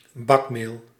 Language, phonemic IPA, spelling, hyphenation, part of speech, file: Dutch, /ˈbɑk.meːl/, bakmeel, bak‧meel, noun, Nl-bakmeel.ogg
- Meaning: fine flour